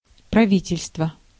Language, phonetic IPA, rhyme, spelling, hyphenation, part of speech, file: Russian, [prɐˈvʲitʲɪlʲstvə], -itʲɪlʲstvə, правительство, пра‧ви‧тель‧ство, noun, Ru-правительство.ogg
- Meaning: government, administration, cabinet